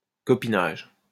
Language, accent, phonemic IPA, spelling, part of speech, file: French, France, /kɔ.pi.naʒ/, copinage, noun, LL-Q150 (fra)-copinage.wav
- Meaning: cronyism